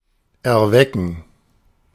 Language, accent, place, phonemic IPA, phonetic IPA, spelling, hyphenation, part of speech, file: German, Germany, Berlin, /ɛʁˈvɛkən/, [ʔɛɐ̯ˈvɛkŋ̍], erwecken, er‧we‧cken, verb, De-erwecken.ogg
- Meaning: to awake, to arouse